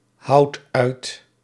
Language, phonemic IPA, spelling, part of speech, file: Dutch, /ˈhɑut ˈœyt/, houd uit, verb, Nl-houd uit.ogg
- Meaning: inflection of uithouden: 1. first-person singular present indicative 2. second-person singular present indicative 3. imperative